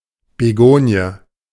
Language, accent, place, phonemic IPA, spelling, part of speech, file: German, Germany, Berlin, /beˈɡoːni̯ə/, Begonie, noun, De-Begonie.ogg
- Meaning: begonia